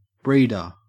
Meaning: A person who breeds plants or animals (professionally)
- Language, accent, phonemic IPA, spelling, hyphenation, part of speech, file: English, Australia, /ˈbɹiːdɚ/, breeder, breed‧er, noun, En-au-breeder.ogg